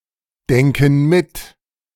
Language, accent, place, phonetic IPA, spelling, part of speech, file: German, Germany, Berlin, [ˌdɛŋkn̩ ˈmɪt], denken mit, verb, De-denken mit.ogg
- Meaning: inflection of mitdenken: 1. first/third-person plural present 2. first/third-person plural subjunctive I